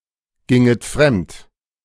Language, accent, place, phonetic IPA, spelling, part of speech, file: German, Germany, Berlin, [ˌɡɪŋət ˈfʁɛmt], ginget fremd, verb, De-ginget fremd.ogg
- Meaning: second-person plural subjunctive II of fremdgehen